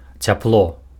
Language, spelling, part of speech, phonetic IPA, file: Belarusian, цяпло, noun, [t͡sʲapˈɫo], Be-цяпло.ogg
- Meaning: heat